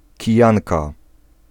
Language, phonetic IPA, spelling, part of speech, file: Polish, [ciˈjãnka], kijanka, noun, Pl-kijanka.ogg